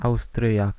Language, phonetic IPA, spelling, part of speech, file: Polish, [ˈawstrʲjak], Austriak, noun, Pl-Austriak.ogg